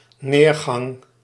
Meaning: downfall
- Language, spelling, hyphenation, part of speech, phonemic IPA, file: Dutch, neergang, neer‧gang, noun, /ˈneːrˌɣɑŋ/, Nl-neergang.ogg